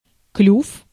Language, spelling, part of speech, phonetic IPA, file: Russian, клюв, noun, [klʲuf], Ru-клюв.ogg
- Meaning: beak, bill